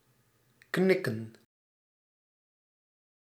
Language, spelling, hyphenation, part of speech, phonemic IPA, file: Dutch, knikken, knik‧ken, verb, /ˈknɪ.kə(n)/, Nl-knikken.ogg
- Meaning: to nod as in to express agreement